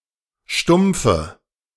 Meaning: dative of Stumpf
- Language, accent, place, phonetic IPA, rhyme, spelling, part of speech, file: German, Germany, Berlin, [ˈʃtʊmp͡fə], -ʊmp͡fə, Stumpfe, noun, De-Stumpfe.ogg